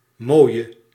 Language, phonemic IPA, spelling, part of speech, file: Dutch, /moːi̯ə/, mooie, adjective, Nl-mooie.ogg
- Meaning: inflection of mooi: 1. masculine/feminine singular attributive 2. definite neuter singular attributive 3. plural attributive